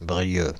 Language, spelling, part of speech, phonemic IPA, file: French, Brieux, proper noun, /bʁi.jø/, Fr-Brieux.ogg
- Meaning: a surname